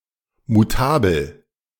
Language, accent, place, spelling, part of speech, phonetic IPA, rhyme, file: German, Germany, Berlin, mutabel, adjective, [muˈtaːbl̩], -aːbl̩, De-mutabel.ogg
- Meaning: mutable